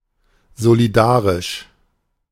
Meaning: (adjective) solidary; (adverb) in solidarity
- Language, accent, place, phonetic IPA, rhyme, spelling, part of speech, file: German, Germany, Berlin, [zoliˈdaːʁɪʃ], -aːʁɪʃ, solidarisch, adjective, De-solidarisch.ogg